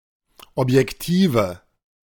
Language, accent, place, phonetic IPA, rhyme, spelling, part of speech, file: German, Germany, Berlin, [ˌɔpjɛkˈtiːvə], -iːvə, Objektive, noun, De-Objektive.ogg
- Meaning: nominative/accusative/genitive plural of Objektiv